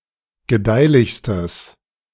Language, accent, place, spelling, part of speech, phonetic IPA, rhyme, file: German, Germany, Berlin, gedeihlichstes, adjective, [ɡəˈdaɪ̯lɪçstəs], -aɪ̯lɪçstəs, De-gedeihlichstes.ogg
- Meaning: strong/mixed nominative/accusative neuter singular superlative degree of gedeihlich